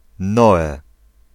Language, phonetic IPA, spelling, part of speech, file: Polish, [ˈnɔɛ], Noe, proper noun, Pl-Noe.ogg